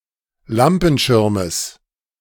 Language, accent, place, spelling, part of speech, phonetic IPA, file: German, Germany, Berlin, Lampenschirmes, noun, [ˈlampn̩ˌʃɪʁməs], De-Lampenschirmes.ogg
- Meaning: genitive singular of Lampenschirm